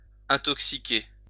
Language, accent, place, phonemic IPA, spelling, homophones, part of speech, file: French, France, Lyon, /ɛ̃.tɔk.si.ke/, intoxiquer, intoxiquai / intoxiqué / intoxiquée / intoxiquées / intoxiqués, verb, LL-Q150 (fra)-intoxiquer.wav
- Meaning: 1. to poison, to intoxicate 2. to spread propaganda